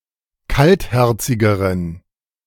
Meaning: inflection of kaltherzig: 1. strong genitive masculine/neuter singular comparative degree 2. weak/mixed genitive/dative all-gender singular comparative degree
- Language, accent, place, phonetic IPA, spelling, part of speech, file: German, Germany, Berlin, [ˈkaltˌhɛʁt͡sɪɡəʁən], kaltherzigeren, adjective, De-kaltherzigeren.ogg